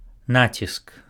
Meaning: 1. accent, emphasis, stress 2. pressure
- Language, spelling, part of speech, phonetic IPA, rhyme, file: Belarusian, націск, noun, [ˈnat͡sʲisk], -at͡sʲisk, Be-націск.ogg